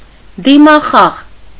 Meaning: facial expression
- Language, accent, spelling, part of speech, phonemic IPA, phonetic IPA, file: Armenian, Eastern Armenian, դիմախաղ, noun, /dimɑˈχɑʁ/, [dimɑχɑ́ʁ], Hy-դիմախաղ.ogg